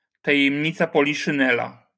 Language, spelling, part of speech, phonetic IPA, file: Polish, tajemnica poliszynela, noun, [ˌtajɛ̃mʲˈɲit͡sa ˌpɔlʲiʃɨ̃ˈnɛla], LL-Q809 (pol)-tajemnica poliszynela.wav